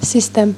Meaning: system
- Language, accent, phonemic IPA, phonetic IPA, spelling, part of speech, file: Armenian, Eastern Armenian, /sisˈtem/, [sistém], սիստեմ, noun, Hy-սիստեմ.ogg